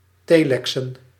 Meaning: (verb) to telex; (noun) plural of telex
- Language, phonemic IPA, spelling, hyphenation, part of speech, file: Dutch, /ˈteː.lɛk.sə(n)/, telexen, te‧le‧xen, verb / noun, Nl-telexen.ogg